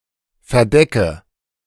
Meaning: inflection of verdecken: 1. first-person singular present 2. first/third-person singular subjunctive I 3. singular imperative
- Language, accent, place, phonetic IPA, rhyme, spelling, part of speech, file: German, Germany, Berlin, [fɛɐ̯ˈdɛkə], -ɛkə, verdecke, verb, De-verdecke.ogg